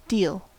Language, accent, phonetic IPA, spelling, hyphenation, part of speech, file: English, US, [ˈdɪi̯l], deal, deal, noun / verb / adjective, En-us-deal.ogg
- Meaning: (noun) 1. A division, a portion, a share, a part, a piece 2. An indefinite quantity or amount; a lot (now usually qualified by great or good)